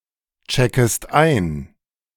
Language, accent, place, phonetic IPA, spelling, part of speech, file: German, Germany, Berlin, [ˌt͡ʃɛkəst ˈaɪ̯n], checkest ein, verb, De-checkest ein.ogg
- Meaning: second-person singular subjunctive I of einchecken